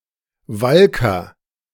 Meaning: fuller, felt-maker
- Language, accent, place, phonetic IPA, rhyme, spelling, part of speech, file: German, Germany, Berlin, [ˈvalkɐ], -alkɐ, Walker, noun, De-Walker.ogg